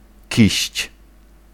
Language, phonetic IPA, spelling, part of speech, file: Polish, [ciɕt͡ɕ], kiść, noun, Pl-kiść.ogg